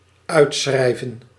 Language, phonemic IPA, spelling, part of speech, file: Dutch, /ˈœytsxrɛivə(n)/, uitschrijven, verb, Nl-uitschrijven.ogg
- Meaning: 1. to unsubscribe, deregister (e.g. from a membership, course, ...) 2. to completely write down (e.g. a lesson, a passage of text) 3. to write out (a cheque) 4. to call out (a meeting), summon